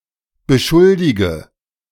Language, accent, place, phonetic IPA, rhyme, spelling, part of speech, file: German, Germany, Berlin, [bəˈʃʊldɪɡə], -ʊldɪɡə, beschuldige, verb, De-beschuldige.ogg
- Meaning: inflection of beschuldigen: 1. first-person singular present 2. singular imperative 3. first/third-person singular subjunctive I